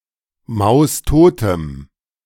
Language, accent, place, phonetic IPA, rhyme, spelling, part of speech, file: German, Germany, Berlin, [ˌmaʊ̯sˈtoːtəm], -oːtəm, maustotem, adjective, De-maustotem.ogg
- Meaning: strong dative masculine/neuter singular of maustot